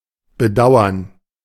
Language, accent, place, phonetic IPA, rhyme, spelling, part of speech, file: German, Germany, Berlin, [bəˈdaʊ̯ɐn], -aʊ̯ɐn, Bedauern, noun, De-Bedauern.ogg
- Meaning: regret